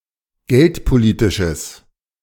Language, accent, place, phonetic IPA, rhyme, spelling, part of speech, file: German, Germany, Berlin, [ˈɡɛltpoˌliːtɪʃəs], -ɛltpoliːtɪʃəs, geldpolitisches, adjective, De-geldpolitisches.ogg
- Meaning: strong/mixed nominative/accusative neuter singular of geldpolitisch